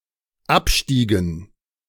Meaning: inflection of absteigen: 1. first/third-person plural dependent preterite 2. first/third-person plural dependent subjunctive II
- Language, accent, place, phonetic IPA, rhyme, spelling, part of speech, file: German, Germany, Berlin, [ˈapˌʃtiːɡn̩], -apʃtiːɡn̩, abstiegen, verb, De-abstiegen.ogg